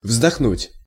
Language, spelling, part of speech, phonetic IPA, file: Russian, вздохнуть, verb, [vzdɐxˈnutʲ], Ru-вздохнуть.ogg
- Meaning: to sigh, to take breath